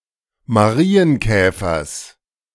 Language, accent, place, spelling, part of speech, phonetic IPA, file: German, Germany, Berlin, Marienkäfers, noun, [maˈʁiːənˌkɛːfɐs], De-Marienkäfers.ogg
- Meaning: genitive singular of Marienkäfer